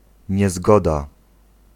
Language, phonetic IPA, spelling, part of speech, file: Polish, [ɲɛˈzɡɔda], niezgoda, noun, Pl-niezgoda.ogg